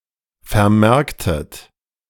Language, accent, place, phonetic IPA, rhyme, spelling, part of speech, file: German, Germany, Berlin, [fɛɐ̯ˈmɛʁktət], -ɛʁktət, vermerktet, verb, De-vermerktet.ogg
- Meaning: inflection of vermerken: 1. second-person plural preterite 2. second-person plural subjunctive II